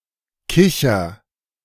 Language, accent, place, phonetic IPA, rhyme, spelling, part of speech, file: German, Germany, Berlin, [ˈkɪçɐ], -ɪçɐ, kicher, verb, De-kicher.ogg
- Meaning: inflection of kichern: 1. first-person singular present 2. singular imperative